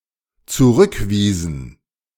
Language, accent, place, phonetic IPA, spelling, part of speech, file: German, Germany, Berlin, [t͡suˈʁʏkˌviːzn̩], zurückwiesen, verb, De-zurückwiesen.ogg
- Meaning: inflection of zurückweisen: 1. first/third-person plural dependent preterite 2. first/third-person plural dependent subjunctive II